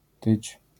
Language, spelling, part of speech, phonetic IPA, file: Polish, tyć, verb / particle, [tɨt͡ɕ], LL-Q809 (pol)-tyć.wav